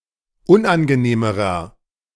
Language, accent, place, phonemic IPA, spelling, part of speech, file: German, Germany, Berlin, /ˈʊnʔanɡəˌneːməʁɐ/, unangenehmerer, adjective, De-unangenehmerer.ogg
- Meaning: inflection of unangenehm: 1. strong/mixed nominative masculine singular comparative degree 2. strong genitive/dative feminine singular comparative degree 3. strong genitive plural comparative degree